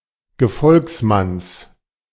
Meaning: genitive singular of Gefolgsmann
- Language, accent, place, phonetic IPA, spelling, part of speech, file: German, Germany, Berlin, [ɡəˈfɔlksˌmans], Gefolgsmanns, noun, De-Gefolgsmanns.ogg